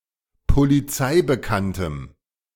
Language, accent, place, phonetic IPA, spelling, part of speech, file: German, Germany, Berlin, [poliˈt͡saɪ̯bəˌkantəm], polizeibekanntem, adjective, De-polizeibekanntem.ogg
- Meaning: strong dative masculine/neuter singular of polizeibekannt